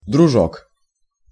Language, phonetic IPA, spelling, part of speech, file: Russian, [drʊˈʐok], дружок, noun, Ru-дружок.ogg
- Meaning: buddy, pal (friend or casual acquaintance)